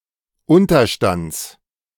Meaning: genitive singular of Unterstand
- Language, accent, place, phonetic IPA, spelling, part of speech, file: German, Germany, Berlin, [ˈʊntɐˌʃtant͡s], Unterstands, noun, De-Unterstands.ogg